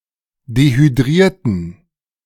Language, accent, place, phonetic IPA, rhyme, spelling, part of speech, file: German, Germany, Berlin, [dehyˈdʁiːɐ̯tət], -iːɐ̯tət, dehydriertet, verb, De-dehydriertet.ogg
- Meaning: inflection of dehydrieren: 1. second-person plural preterite 2. second-person plural subjunctive II